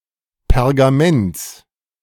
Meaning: genitive singular of Pergament
- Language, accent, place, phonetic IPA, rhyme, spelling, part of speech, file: German, Germany, Berlin, [pɛʁɡaˈmɛnt͡s], -ɛnt͡s, Pergaments, noun, De-Pergaments.ogg